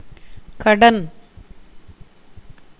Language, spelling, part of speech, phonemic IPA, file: Tamil, கடன், noun, /kɐɖɐn/, Ta-கடன்.ogg
- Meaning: 1. debt, loan 2. duty, obligation 3. borrowed article 4. indebtedness 5. nature, natural attribute 6. order, manner, plan, system